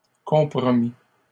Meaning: third-person singular past historic of compromettre
- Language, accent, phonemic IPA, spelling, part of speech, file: French, Canada, /kɔ̃.pʁɔ.mi/, compromit, verb, LL-Q150 (fra)-compromit.wav